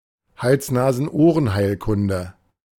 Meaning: otolaryngology, otorhinolaryngology
- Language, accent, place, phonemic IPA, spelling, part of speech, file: German, Germany, Berlin, /hals ˌnaːzn̩ ˈʔoːʁən ˌhaɪ̯lkʊndə/, Hals-Nasen-Ohren-Heilkunde, noun, De-Hals-Nasen-Ohren-Heilkunde.ogg